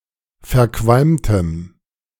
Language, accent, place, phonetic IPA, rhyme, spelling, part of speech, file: German, Germany, Berlin, [fɛɐ̯ˈkvalmtəm], -almtəm, verqualmtem, adjective, De-verqualmtem.ogg
- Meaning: strong dative masculine/neuter singular of verqualmt